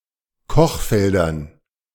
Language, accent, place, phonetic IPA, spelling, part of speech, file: German, Germany, Berlin, [ˈkɔxˌfɛldɐn], Kochfeldern, noun, De-Kochfeldern.ogg
- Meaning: dative plural of Kochfeld